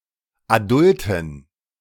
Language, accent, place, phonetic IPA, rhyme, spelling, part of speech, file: German, Germany, Berlin, [aˈdʊltn̩], -ʊltn̩, adulten, adjective, De-adulten.ogg
- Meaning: inflection of adult: 1. strong genitive masculine/neuter singular 2. weak/mixed genitive/dative all-gender singular 3. strong/weak/mixed accusative masculine singular 4. strong dative plural